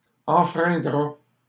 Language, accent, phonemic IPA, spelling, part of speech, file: French, Canada, /ɑ̃.fʁɛ̃.dʁa/, enfreindra, verb, LL-Q150 (fra)-enfreindra.wav
- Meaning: third-person singular simple future of enfreindre